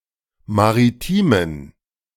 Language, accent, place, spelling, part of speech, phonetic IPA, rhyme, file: German, Germany, Berlin, maritimen, adjective, [maʁiˈtiːmən], -iːmən, De-maritimen.ogg
- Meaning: inflection of maritim: 1. strong genitive masculine/neuter singular 2. weak/mixed genitive/dative all-gender singular 3. strong/weak/mixed accusative masculine singular 4. strong dative plural